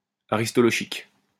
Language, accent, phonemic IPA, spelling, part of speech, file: French, France, /a.ʁis.tɔ.lɔ.ʃik/, aristolochique, adjective, LL-Q150 (fra)-aristolochique.wav
- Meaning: aristolochic